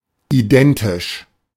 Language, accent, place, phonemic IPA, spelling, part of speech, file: German, Germany, Berlin, /iˈdɛntɪʃ/, identisch, adjective, De-identisch.ogg
- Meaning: 1. identical (to/with); the same as 2. equivalent